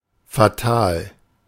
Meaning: 1. fatal, having serious consequences, severe 2. embarrassing, awkward, causing predicament
- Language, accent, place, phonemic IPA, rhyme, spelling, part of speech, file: German, Germany, Berlin, /faˈtaːl/, -aːl, fatal, adjective, De-fatal.ogg